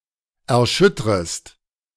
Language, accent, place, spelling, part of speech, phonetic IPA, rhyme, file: German, Germany, Berlin, erschüttrest, verb, [ɛɐ̯ˈʃʏtʁəst], -ʏtʁəst, De-erschüttrest.ogg
- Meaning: second-person singular subjunctive I of erschüttern